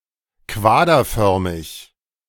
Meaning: cuboid
- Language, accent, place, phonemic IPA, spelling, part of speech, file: German, Germany, Berlin, /ˈkvaːdɐˌfœʁmɪç/, quaderförmig, adjective, De-quaderförmig.ogg